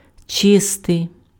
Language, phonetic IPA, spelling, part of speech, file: Ukrainian, [ˈt͡ʃɪstei̯], чистий, adjective, Uk-чистий.ogg
- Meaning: 1. pure 2. clean 3. net (remaining after expenses or deductions)